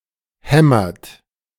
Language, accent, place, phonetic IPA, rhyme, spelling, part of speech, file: German, Germany, Berlin, [ˈhɛmɐt], -ɛmɐt, hämmert, verb, De-hämmert.ogg
- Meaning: inflection of hämmern: 1. third-person singular present 2. second-person plural present 3. plural imperative